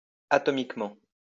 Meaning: atomically
- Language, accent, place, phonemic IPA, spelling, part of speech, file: French, France, Lyon, /a.tɔ.mik.mɑ̃/, atomiquement, adverb, LL-Q150 (fra)-atomiquement.wav